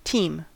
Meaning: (noun) 1. A set of draught animals, such as two horses in front of a carriage 2. Any group of people involved in the same activity, especially sports or work
- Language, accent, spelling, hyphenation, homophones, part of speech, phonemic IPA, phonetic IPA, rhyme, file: English, US, team, team, teem, noun / verb / interjection, /ˈtiːm/, [ˈtʰɪi̯m], -iːm, En-us-team.ogg